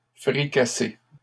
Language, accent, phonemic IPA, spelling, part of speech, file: French, Canada, /fʁi.ka.se/, fricassées, noun, LL-Q150 (fra)-fricassées.wav
- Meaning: plural of fricassée